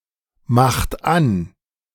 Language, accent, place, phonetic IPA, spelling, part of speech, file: German, Germany, Berlin, [ˌmaxt ˈan], macht an, verb, De-macht an.ogg
- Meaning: inflection of anmachen: 1. third-person singular present 2. second-person plural present 3. plural imperative